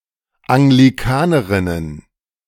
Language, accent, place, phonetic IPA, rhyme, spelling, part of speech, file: German, Germany, Berlin, [aŋɡliˈkaːnəʁɪnən], -aːnəʁɪnən, Anglikanerinnen, noun, De-Anglikanerinnen.ogg
- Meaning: plural of Anglikanerin